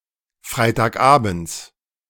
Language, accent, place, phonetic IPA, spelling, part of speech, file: German, Germany, Berlin, [ˌfʁaɪ̯taːkˈʔaːbn̩t͡s], Freitagabends, noun, De-Freitagabends.ogg
- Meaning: genitive of Freitagabend